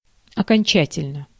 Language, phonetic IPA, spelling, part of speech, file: Russian, [ɐkɐnʲˈt͡ɕætʲɪlʲnə], окончательно, adverb / adjective, Ru-окончательно.ogg
- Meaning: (adverb) finally, definitively; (adjective) short neuter singular of оконча́тельный (okončátelʹnyj)